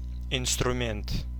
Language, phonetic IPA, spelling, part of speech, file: Russian, [ɪnstrʊˈmʲent], инструмент, noun, Ru-инструмент.ogg
- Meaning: 1. tool (mechanical device intended to make a task easier) 2. instrument